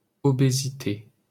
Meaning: obesity (act or state of being obese)
- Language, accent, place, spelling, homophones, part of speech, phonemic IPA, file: French, France, Paris, obésité, obésités, noun, /ɔ.be.zi.te/, LL-Q150 (fra)-obésité.wav